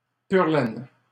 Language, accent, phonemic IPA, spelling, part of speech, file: French, Canada, /pyʁ lɛn/, pure laine, adjective / noun, LL-Q150 (fra)-pure laine.wav
- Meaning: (adjective) 1. of old stock Quebecois 2. authentic; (noun) 1. old stock Quebecois 2. pure wool